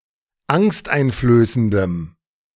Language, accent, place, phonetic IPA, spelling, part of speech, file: German, Germany, Berlin, [ˈaŋstʔaɪ̯nfløːsəndəm], angsteinflößendem, adjective, De-angsteinflößendem.ogg
- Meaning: strong dative masculine/neuter singular of angsteinflößend